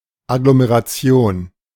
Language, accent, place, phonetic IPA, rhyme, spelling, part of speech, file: German, Germany, Berlin, [aɡlomeʁaˈt͡si̯oːn], -oːn, Agglomeration, noun, De-Agglomeration.ogg
- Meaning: 1. agglomeration 2. conurbation